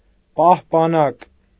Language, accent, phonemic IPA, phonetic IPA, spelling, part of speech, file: Armenian, Eastern Armenian, /pɑhpɑˈnɑk/, [pɑhpɑnɑ́k], պահպանակ, noun, Hy-պահպանակ.ogg
- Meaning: 1. armour 2. amulet, talisman 3. condom